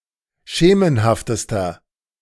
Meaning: inflection of schemenhaft: 1. strong/mixed nominative masculine singular superlative degree 2. strong genitive/dative feminine singular superlative degree 3. strong genitive plural superlative degree
- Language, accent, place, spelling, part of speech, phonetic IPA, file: German, Germany, Berlin, schemenhaftester, adjective, [ˈʃeːmənhaftəstɐ], De-schemenhaftester.ogg